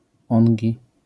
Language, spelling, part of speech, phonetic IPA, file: Polish, ongi, adverb, [ˈɔ̃ŋʲɟi], LL-Q809 (pol)-ongi.wav